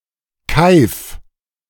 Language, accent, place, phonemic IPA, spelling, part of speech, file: German, Germany, Berlin, /kaɪ̯f/, keif, verb, De-keif.ogg
- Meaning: inflection of keifen: 1. second-person singular imperative 2. first-person singular present